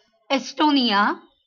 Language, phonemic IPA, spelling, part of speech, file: Marathi, /es.ʈo.ni.ja/, एस्टोनिया, proper noun, LL-Q1571 (mar)-एस्टोनिया.wav
- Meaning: Estonia (a country in northeastern Europe, on the southeastern coast of the Baltic Sea)